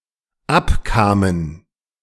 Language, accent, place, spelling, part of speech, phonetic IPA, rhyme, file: German, Germany, Berlin, abkamen, verb, [ˈapˌkaːmən], -apkaːmən, De-abkamen.ogg
- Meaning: first/third-person plural dependent preterite of abkommen